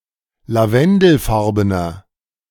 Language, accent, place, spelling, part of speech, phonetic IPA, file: German, Germany, Berlin, lavendelfarbener, adjective, [laˈvɛndl̩ˌfaʁbənɐ], De-lavendelfarbener.ogg
- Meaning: inflection of lavendelfarben: 1. strong/mixed nominative masculine singular 2. strong genitive/dative feminine singular 3. strong genitive plural